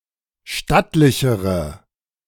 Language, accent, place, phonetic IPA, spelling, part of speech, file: German, Germany, Berlin, [ˈʃtatlɪçəʁə], stattlichere, adjective, De-stattlichere.ogg
- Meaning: inflection of stattlich: 1. strong/mixed nominative/accusative feminine singular comparative degree 2. strong nominative/accusative plural comparative degree